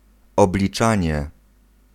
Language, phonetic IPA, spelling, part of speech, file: Polish, [ˌɔblʲiˈt͡ʃãɲɛ], obliczanie, noun, Pl-obliczanie.ogg